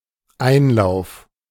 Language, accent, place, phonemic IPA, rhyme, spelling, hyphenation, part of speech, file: German, Germany, Berlin, /ˈaɪ̯nˌlaʊ̯f/, -aʊ̯f, Einlauf, Ein‧lauf, noun, De-Einlauf.ogg
- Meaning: 1. the act of running in 2. run-in, finish 3. enema (injection of fluid into the rectum) 4. harsh critique 5. entry (place where a liquid or a gas enters a system)